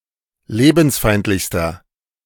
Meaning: inflection of lebensfeindlich: 1. strong/mixed nominative masculine singular superlative degree 2. strong genitive/dative feminine singular superlative degree
- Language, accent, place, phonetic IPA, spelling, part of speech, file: German, Germany, Berlin, [ˈleːbn̩sˌfaɪ̯ntlɪçstɐ], lebensfeindlichster, adjective, De-lebensfeindlichster.ogg